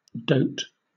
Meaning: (verb) 1. To be weakly or foolishly fond of somebody 2. To act in a foolish manner; to be senile 3. To rot, decay; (noun) 1. A darling, a cutie 2. An imbecile; a dotard 3. Decay in a tree 4. Dowry
- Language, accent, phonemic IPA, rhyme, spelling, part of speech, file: English, Southern England, /dəʊt/, -əʊt, dote, verb / noun, LL-Q1860 (eng)-dote.wav